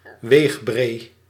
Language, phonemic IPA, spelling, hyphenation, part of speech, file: Dutch, /ˈʋeːx.breː/, weegbree, weeg‧bree, noun, Nl-weegbree.ogg
- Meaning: a plantain, fleawort, a plant of the genus Plantago